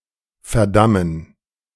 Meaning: 1. to condemn, to doom 2. to damn, to curse
- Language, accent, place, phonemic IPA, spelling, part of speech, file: German, Germany, Berlin, /fɛɐ̯ˈdamən/, verdammen, verb, De-verdammen.ogg